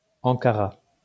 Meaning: 1. Ankara (the capital city of Turkey and the capital of Ankara Province) 2. Ankara (a province and metropolitan municipality in central Turkey around the city)
- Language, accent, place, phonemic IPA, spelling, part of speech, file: French, France, Lyon, /ɑ̃.ka.ʁa/, Ankara, proper noun, LL-Q150 (fra)-Ankara.wav